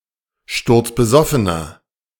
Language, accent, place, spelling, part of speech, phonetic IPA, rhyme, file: German, Germany, Berlin, sturzbesoffener, adjective, [ˌʃtʊʁt͡sbəˈzɔfənɐ], -ɔfənɐ, De-sturzbesoffener.ogg
- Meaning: inflection of sturzbesoffen: 1. strong/mixed nominative masculine singular 2. strong genitive/dative feminine singular 3. strong genitive plural